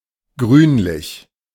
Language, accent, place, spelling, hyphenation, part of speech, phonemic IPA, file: German, Germany, Berlin, grünlich, grün‧lich, adjective, /ˈɡʁyːnlɪç/, De-grünlich.ogg
- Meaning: greenish